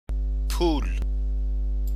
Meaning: 1. money 2. coin 3. a coin of inferior value
- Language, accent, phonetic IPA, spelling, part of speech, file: Persian, Iran, [pʰuːl̥], پول, noun, Fa-پول.ogg